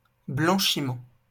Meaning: 1. bleaching 2. laundering (especially of money) 3. blanking 4. bloom (chocolate)
- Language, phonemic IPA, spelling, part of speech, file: French, /blɑ̃.ʃi.mɑ̃/, blanchiment, noun, LL-Q150 (fra)-blanchiment.wav